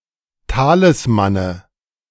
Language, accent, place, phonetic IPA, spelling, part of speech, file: German, Germany, Berlin, [ˈtaːlɪsmanə], Talismane, noun, De-Talismane.ogg
- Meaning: nominative/accusative/genitive plural of Talisman